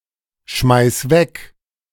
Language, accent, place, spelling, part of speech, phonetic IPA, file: German, Germany, Berlin, schmeiß weg, verb, [ˌʃmaɪ̯s ˈvɛk], De-schmeiß weg.ogg
- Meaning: singular imperative of wegschmeißen